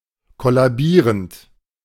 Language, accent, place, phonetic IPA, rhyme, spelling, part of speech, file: German, Germany, Berlin, [ˌkɔlaˈbiːʁənt], -iːʁənt, kollabierend, verb, De-kollabierend.ogg
- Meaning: present participle of kollabieren